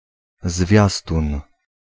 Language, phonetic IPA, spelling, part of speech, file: Polish, [ˈzvʲjastũn], zwiastun, noun, Pl-zwiastun.ogg